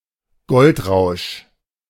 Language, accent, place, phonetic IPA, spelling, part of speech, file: German, Germany, Berlin, [ˈɡɔltˌʁaʊ̯ʃ], Goldrausch, noun, De-Goldrausch.ogg
- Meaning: gold rush